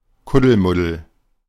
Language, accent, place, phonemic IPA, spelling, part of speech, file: German, Germany, Berlin, /ˌkʊdəlˈmʊdəl/, Kuddelmuddel, noun, De-Kuddelmuddel.ogg
- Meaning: jumble; hodgepodge; confusion